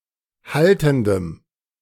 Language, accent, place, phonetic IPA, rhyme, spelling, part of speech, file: German, Germany, Berlin, [ˈhaltn̩dəm], -altn̩dəm, haltendem, adjective, De-haltendem.ogg
- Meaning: strong dative masculine/neuter singular of haltend